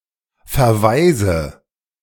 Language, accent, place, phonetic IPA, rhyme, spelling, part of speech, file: German, Germany, Berlin, [fɛɐ̯ˈvaɪ̯zə], -aɪ̯zə, verweise, verb, De-verweise.ogg
- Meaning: inflection of verweisen: 1. first-person singular present 2. first/third-person singular subjunctive I 3. singular imperative